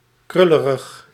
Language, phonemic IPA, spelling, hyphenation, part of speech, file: Dutch, /ˈkrʏ.lə.rəx/, krullerig, krul‧le‧rig, adjective, Nl-krullerig.ogg
- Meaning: curly